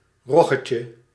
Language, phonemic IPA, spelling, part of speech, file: Dutch, /ˈrɔɣəcə/, roggetje, noun, Nl-roggetje.ogg
- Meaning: diminutive of rog